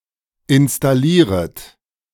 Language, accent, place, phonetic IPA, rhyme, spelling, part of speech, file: German, Germany, Berlin, [ɪnstaˈliːʁət], -iːʁət, installieret, verb, De-installieret.ogg
- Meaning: second-person plural subjunctive I of installieren